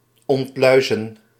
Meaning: to delouse
- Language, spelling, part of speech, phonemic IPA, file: Dutch, ontluizen, verb, /ˌɔntˈlœy̯.zə(n)/, Nl-ontluizen.ogg